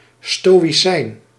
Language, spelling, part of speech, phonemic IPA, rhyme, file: Dutch, stoïcijn, noun, /ˌstoː.iˈsɛi̯n/, -ɛi̯n, Nl-stoïcijn.ogg
- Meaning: a stoic, an adherent of stoicism